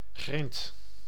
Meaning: 1. gravel, pebbles, shingle 2. the diseases scabies (human), mange (canine)
- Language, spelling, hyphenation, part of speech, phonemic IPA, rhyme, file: Dutch, grind, grind, noun, /ɣrɪnt/, -ɪnt, Nl-grind.ogg